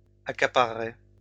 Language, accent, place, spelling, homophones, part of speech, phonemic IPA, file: French, France, Lyon, accaparerai, accaparerez, verb, /a.ka.pa.ʁə.ʁe/, LL-Q150 (fra)-accaparerai.wav
- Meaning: first-person singular simple future of accaparer